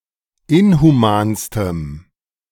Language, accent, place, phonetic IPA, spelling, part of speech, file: German, Germany, Berlin, [ˈɪnhuˌmaːnstəm], inhumanstem, adjective, De-inhumanstem.ogg
- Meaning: strong dative masculine/neuter singular superlative degree of inhuman